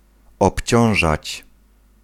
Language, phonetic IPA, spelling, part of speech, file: Polish, [ɔpʲˈt͡ɕɔ̃w̃ʒat͡ɕ], obciążać, verb, Pl-obciążać.ogg